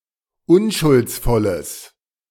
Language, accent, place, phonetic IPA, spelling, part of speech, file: German, Germany, Berlin, [ˈʊnʃʊlt͡sˌfɔləs], unschuldsvolles, adjective, De-unschuldsvolles.ogg
- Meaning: strong/mixed nominative/accusative neuter singular of unschuldsvoll